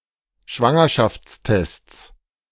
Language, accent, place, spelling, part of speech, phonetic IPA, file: German, Germany, Berlin, Schwangerschaftstests, noun, [ˈʃvaŋɐʃaft͡sˌtɛst͡s], De-Schwangerschaftstests.ogg
- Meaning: 1. genitive singular of Schwangerschaftstest 2. plural of Schwangerschaftstest